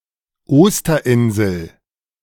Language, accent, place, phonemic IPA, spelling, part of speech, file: German, Germany, Berlin, /ˈoːstɐˌʔɪnzl̩/, Osterinsel, proper noun, De-Osterinsel.ogg
- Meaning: Easter Island